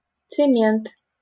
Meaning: cement (a powdered substance)
- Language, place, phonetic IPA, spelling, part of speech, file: Russian, Saint Petersburg, [t͡sɨˈmʲent], цемент, noun, LL-Q7737 (rus)-цемент.wav